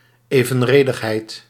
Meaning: proportionality
- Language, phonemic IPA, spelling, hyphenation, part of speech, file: Dutch, /ˌeː.və(n)ˈreː.dəx.ɦɛi̯t/, evenredigheid, even‧re‧dig‧heid, noun, Nl-evenredigheid.ogg